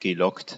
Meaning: past participle of locken
- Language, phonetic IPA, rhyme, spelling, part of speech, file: German, [ɡəˈlɔkt], -ɔkt, gelockt, verb, De-gelockt.ogg